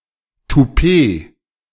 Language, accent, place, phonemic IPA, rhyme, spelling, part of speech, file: German, Germany, Berlin, /tuˈpeː/, -eː, Toupet, noun, De-Toupet.ogg
- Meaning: toupee